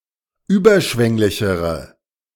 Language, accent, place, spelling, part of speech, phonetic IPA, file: German, Germany, Berlin, überschwänglichere, adjective, [ˈyːbɐˌʃvɛŋlɪçəʁə], De-überschwänglichere.ogg
- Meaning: inflection of überschwänglich: 1. strong/mixed nominative/accusative feminine singular comparative degree 2. strong nominative/accusative plural comparative degree